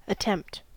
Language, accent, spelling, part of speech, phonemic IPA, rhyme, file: English, US, attempt, verb / noun, /əˈtɛmpt/, -ɛmpt, En-us-attempt.ogg
- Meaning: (verb) 1. To try 2. To try to move, by entreaty, by afflictions, or by temptations; to tempt 3. To try to win, subdue, or overcome